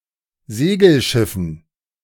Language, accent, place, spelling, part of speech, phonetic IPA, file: German, Germany, Berlin, Segelschiffen, noun, [ˈzeːɡl̩ˌʃɪfn̩], De-Segelschiffen.ogg
- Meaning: dative plural of Segelschiff